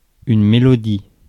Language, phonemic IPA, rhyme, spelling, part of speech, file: French, /me.lɔ.di/, -i, mélodie, noun, Fr-mélodie.ogg
- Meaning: melody (sequence of notes that makes up a musical phrase)